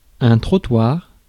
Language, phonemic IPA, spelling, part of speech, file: French, /tʁɔ.twaʁ/, trottoir, noun, Fr-trottoir.ogg
- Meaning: sidewalk, pavement, footpath (paved path located at the side of a road for the use of pedestrians)